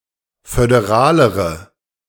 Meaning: inflection of föderal: 1. strong/mixed nominative/accusative feminine singular comparative degree 2. strong nominative/accusative plural comparative degree
- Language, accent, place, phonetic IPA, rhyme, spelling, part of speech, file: German, Germany, Berlin, [fødeˈʁaːləʁə], -aːləʁə, föderalere, adjective, De-föderalere.ogg